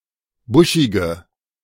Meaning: inflection of buschig: 1. strong/mixed nominative/accusative feminine singular 2. strong nominative/accusative plural 3. weak nominative all-gender singular 4. weak accusative feminine/neuter singular
- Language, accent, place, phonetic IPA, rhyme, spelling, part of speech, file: German, Germany, Berlin, [ˈbʊʃɪɡə], -ʊʃɪɡə, buschige, adjective, De-buschige.ogg